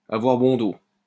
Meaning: to be a convenient excuse, to be a good excuse, to be a convenient scapegoat, to be easily blamed (to be just the right person to put the blame on, even when innocent)
- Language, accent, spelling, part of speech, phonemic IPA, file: French, France, avoir bon dos, verb, /a.vwaʁ bɔ̃ do/, LL-Q150 (fra)-avoir bon dos.wav